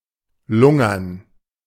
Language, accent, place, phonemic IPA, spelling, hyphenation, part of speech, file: German, Germany, Berlin, /ˈlʊŋɐn/, lungern, lun‧gern, verb, De-lungern.ogg
- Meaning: to hang around